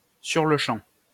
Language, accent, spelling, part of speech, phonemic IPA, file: French, France, sur-le-champ, adverb, /syʁ.lə.ʃɑ̃/, LL-Q150 (fra)-sur-le-champ.wav
- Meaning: on the spot, immediately, right away